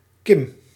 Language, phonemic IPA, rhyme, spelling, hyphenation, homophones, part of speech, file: Dutch, /kɪm/, -ɪm, Kim, Kim, kim, proper noun, Nl-Kim.ogg
- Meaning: a unisex given name from English